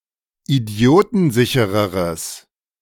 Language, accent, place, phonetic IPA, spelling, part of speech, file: German, Germany, Berlin, [iˈdi̯oːtn̩ˌzɪçəʁəʁəs], idiotensichereres, adjective, De-idiotensichereres.ogg
- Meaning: strong/mixed nominative/accusative neuter singular comparative degree of idiotensicher